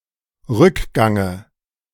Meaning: dative of Rückgang
- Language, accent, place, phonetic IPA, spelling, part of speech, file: German, Germany, Berlin, [ˈʁʏkˌɡaŋə], Rückgange, noun, De-Rückgange.ogg